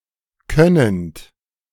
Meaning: present participle of können
- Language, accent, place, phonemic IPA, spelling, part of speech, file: German, Germany, Berlin, /ˈkœnənt/, könnend, verb, De-könnend.ogg